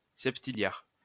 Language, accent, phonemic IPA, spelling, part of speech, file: French, France, /sɛp.ti.ljaʁ/, septilliard, numeral, LL-Q150 (fra)-septilliard.wav
- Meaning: quattuordecillion (10⁴²)